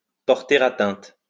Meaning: to harm, to detract from
- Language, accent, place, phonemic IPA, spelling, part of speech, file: French, France, Lyon, /pɔʁ.te.ʁ‿a.tɛ̃t/, porter atteinte, verb, LL-Q150 (fra)-porter atteinte.wav